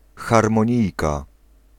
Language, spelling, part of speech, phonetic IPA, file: Polish, harmonijka, noun, [ˌxarmɔ̃ˈɲijka], Pl-harmonijka.ogg